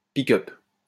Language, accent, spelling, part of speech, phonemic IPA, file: French, France, piqueupe, noun, /pi.kœp/, LL-Q150 (fra)-piqueupe.wav
- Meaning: pickup (electronic device)